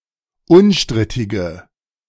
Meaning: inflection of unstrittig: 1. strong/mixed nominative/accusative feminine singular 2. strong nominative/accusative plural 3. weak nominative all-gender singular
- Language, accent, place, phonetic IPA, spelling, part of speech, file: German, Germany, Berlin, [ˈʊnˌʃtʁɪtɪɡə], unstrittige, adjective, De-unstrittige.ogg